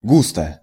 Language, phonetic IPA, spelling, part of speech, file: Russian, [ˈɡustə], густо, adverb / adjective, Ru-густо.ogg
- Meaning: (adverb) thickly, densely; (adjective) 1. short neuter singular of густо́й (gustój) 2. not much, not a lot (to go on, to make use of, to help one with something)